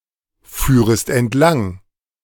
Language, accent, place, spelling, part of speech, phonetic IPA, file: German, Germany, Berlin, führest entlang, verb, [ˌfyːʁəst ɛntˈlaŋ], De-führest entlang.ogg
- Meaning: second-person singular subjunctive II of entlangfahren